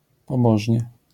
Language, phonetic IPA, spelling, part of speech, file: Polish, [pɔˈbɔʒʲɲɛ], pobożnie, adverb, LL-Q809 (pol)-pobożnie.wav